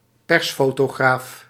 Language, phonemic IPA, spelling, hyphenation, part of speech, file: Dutch, /ˈpɛrs.foː.toːˌɣraːf/, persfotograaf, pers‧fo‧to‧graaf, noun, Nl-persfotograaf.ogg
- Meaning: a press photographer